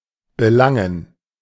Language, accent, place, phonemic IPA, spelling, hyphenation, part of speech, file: German, Germany, Berlin, /bəˈlaŋən/, belangen, be‧lan‧gen, verb, De-belangen.ogg
- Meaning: 1. to concern, to touch a matter 2. to prosecute, to take recourse to